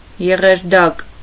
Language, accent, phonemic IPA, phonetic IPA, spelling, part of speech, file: Armenian, Eastern Armenian, /jeʁeɾˈdɑk/, [jeʁeɾdɑ́k], եղերդակ, noun, Hy-եղերդակ.ogg
- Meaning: chicory, Cichorium